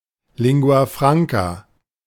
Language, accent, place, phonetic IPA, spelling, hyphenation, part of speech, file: German, Germany, Berlin, [ˌlɪŋɡu̯a ˈfʁaŋka], Lingua franca, Lin‧gua fran‧ca, noun, De-Lingua franca.ogg
- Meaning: lingua franca